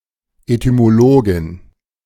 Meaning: etymologist (female)
- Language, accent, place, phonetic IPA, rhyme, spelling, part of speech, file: German, Germany, Berlin, [etymoˈloːɡɪn], -oːɡɪn, Etymologin, noun, De-Etymologin.ogg